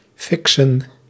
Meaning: 1. to fix (to inject drugs) 2. to fix [a game] through bribery or manipulation
- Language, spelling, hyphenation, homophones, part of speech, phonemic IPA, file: Dutch, fixen, fixen, fiksen, verb, /ˈfɪk.sə(n)/, Nl-fixen.ogg